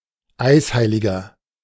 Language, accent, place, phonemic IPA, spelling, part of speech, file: German, Germany, Berlin, /ˈaɪ̯sˌhaɪ̯lɪɡɐ/, Eisheiliger, noun, De-Eisheiliger.ogg
- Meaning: 1. a period in May with increased likelihood of night frost, falling on the name days of certain saints; a blackberry winter 2. one of these saints (male or of unspecified gender); an "ice saint"